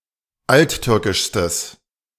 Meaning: strong/mixed nominative/accusative neuter singular superlative degree of alttürkisch
- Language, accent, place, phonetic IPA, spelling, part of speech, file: German, Germany, Berlin, [ˈaltˌtʏʁkɪʃstəs], alttürkischstes, adjective, De-alttürkischstes.ogg